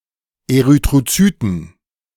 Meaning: plural of Erythrozyt
- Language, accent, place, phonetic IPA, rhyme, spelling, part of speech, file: German, Germany, Berlin, [eʁytʁoˈt͡syːtn̩], -yːtn̩, Erythrozyten, noun, De-Erythrozyten.ogg